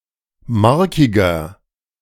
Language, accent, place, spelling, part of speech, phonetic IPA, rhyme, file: German, Germany, Berlin, markiger, adjective, [ˈmaʁkɪɡɐ], -aʁkɪɡɐ, De-markiger.ogg
- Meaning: 1. comparative degree of markig 2. inflection of markig: strong/mixed nominative masculine singular 3. inflection of markig: strong genitive/dative feminine singular